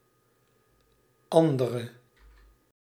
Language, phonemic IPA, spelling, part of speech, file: Dutch, /ˈɑndərə/, andere, adjective, Nl-andere.ogg
- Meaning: inflection of ander: 1. masculine/feminine singular attributive 2. definite neuter singular attributive 3. plural attributive